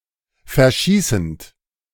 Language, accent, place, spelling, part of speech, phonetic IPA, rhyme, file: German, Germany, Berlin, verschießend, verb, [fɛɐ̯ˈʃiːsn̩t], -iːsn̩t, De-verschießend.ogg
- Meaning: present participle of verschießen